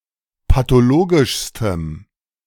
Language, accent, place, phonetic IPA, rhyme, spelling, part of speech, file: German, Germany, Berlin, [patoˈloːɡɪʃstəm], -oːɡɪʃstəm, pathologischstem, adjective, De-pathologischstem.ogg
- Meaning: strong dative masculine/neuter singular superlative degree of pathologisch